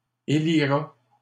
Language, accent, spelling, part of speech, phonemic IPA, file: French, Canada, élira, verb, /e.li.ʁa/, LL-Q150 (fra)-élira.wav
- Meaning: third-person singular future of élire